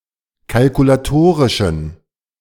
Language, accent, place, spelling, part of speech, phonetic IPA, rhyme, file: German, Germany, Berlin, kalkulatorischen, adjective, [kalkulaˈtoːʁɪʃn̩], -oːʁɪʃn̩, De-kalkulatorischen.ogg
- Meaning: inflection of kalkulatorisch: 1. strong genitive masculine/neuter singular 2. weak/mixed genitive/dative all-gender singular 3. strong/weak/mixed accusative masculine singular 4. strong dative plural